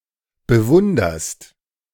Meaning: second-person singular present of bewundern
- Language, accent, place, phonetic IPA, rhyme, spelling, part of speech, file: German, Germany, Berlin, [bəˈvʊndɐst], -ʊndɐst, bewunderst, verb, De-bewunderst.ogg